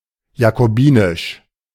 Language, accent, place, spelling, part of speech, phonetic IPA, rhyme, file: German, Germany, Berlin, jakobinisch, adjective, [jakoˈbiːnɪʃ], -iːnɪʃ, De-jakobinisch.ogg
- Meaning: Jacobin